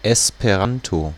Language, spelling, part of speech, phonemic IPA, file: German, Esperanto, proper noun, /ˌɛspəˈʁanto/, De-Esperanto.ogg
- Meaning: Esperanto